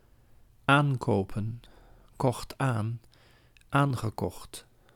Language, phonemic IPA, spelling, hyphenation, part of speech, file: Dutch, /ˈaːŋkoːpə(n)/, aankopen, aan‧ko‧pen, verb / noun, Nl-aankopen.ogg
- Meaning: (verb) to purchase, to buy; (noun) plural of aankoop